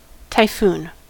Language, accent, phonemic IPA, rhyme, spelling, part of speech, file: English, US, /taɪˈfun/, -uːn, typhoon, noun / verb, En-us-typhoon.ogg
- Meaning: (noun) A severe tropical cyclone; an intense, rotating storm